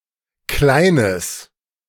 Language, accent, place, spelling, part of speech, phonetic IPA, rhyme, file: German, Germany, Berlin, kleines, adjective, [ˈklaɪ̯nəs], -aɪ̯nəs, De-kleines.ogg
- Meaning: strong/mixed nominative/accusative neuter singular of klein